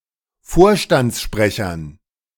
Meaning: dative plural of Vorstandssprecher
- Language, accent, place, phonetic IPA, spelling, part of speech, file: German, Germany, Berlin, [ˈfoːɐ̯ʃtant͡sˌʃpʁɛçɐn], Vorstandssprechern, noun, De-Vorstandssprechern.ogg